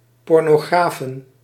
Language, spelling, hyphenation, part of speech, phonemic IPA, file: Dutch, pornografen, por‧no‧gra‧fen, noun, /ˌpɔrnoˈɣrafə(n)/, Nl-pornografen.ogg
- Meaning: plural of pornograaf